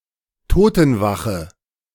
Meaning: deathwatch
- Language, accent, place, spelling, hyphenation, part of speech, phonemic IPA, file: German, Germany, Berlin, Totenwache, To‧ten‧wa‧che, noun, /ˈtoːtn̩ˌvaxə/, De-Totenwache.ogg